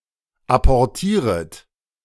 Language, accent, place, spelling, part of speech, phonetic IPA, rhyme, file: German, Germany, Berlin, apportieret, verb, [ˌapɔʁˈtiːʁət], -iːʁət, De-apportieret.ogg
- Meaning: second-person plural subjunctive I of apportieren